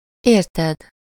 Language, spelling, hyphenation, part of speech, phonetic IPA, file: Hungarian, érted, ér‧ted, pronoun / verb, [ˈeːrtɛd], Hu-érted.ogg
- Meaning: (pronoun) second-person singular of érte; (verb) 1. second-person singular indicative present definite of ért 2. second-person singular indicative past definite of ér